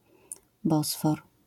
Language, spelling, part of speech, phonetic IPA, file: Polish, Bosfor, proper noun, [ˈbɔsfɔr], LL-Q809 (pol)-Bosfor.wav